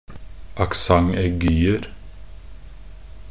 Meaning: indefinite plural of accent aigu
- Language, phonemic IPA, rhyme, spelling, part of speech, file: Norwegian Bokmål, /akˈsaŋ.ɛɡyːər/, -ər, accent aiguer, noun, Nb-accent aiguer.ogg